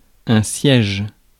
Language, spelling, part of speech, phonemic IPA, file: French, siège, noun, /sjɛʒ/, Fr-siège.ogg
- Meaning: 1. seat, chair 2. siege 3. headquarters, head office